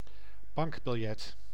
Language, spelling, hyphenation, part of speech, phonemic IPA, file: Dutch, bankbiljet, bank‧bil‧jet, noun, /ˈbɑŋk.bɪlˌjɛt/, Nl-bankbiljet.ogg
- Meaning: banknote